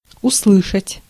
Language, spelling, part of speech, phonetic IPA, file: Russian, услышать, verb, [ʊsˈɫɨʂətʲ], Ru-услышать.ogg
- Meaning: 1. to hear 2. (colloquial) to smell, to feel